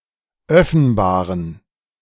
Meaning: inflection of öffenbar: 1. strong genitive masculine/neuter singular 2. weak/mixed genitive/dative all-gender singular 3. strong/weak/mixed accusative masculine singular 4. strong dative plural
- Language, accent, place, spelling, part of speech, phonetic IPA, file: German, Germany, Berlin, öffenbaren, adjective, [ˈœfn̩baːʁən], De-öffenbaren.ogg